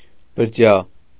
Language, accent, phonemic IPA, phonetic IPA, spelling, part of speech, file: Armenian, Eastern Armenian, /bəɾˈtʰjɑ/, [bəɾtʰjɑ́], բրդյա, adjective, Hy-բրդյա.ogg
- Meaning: woolen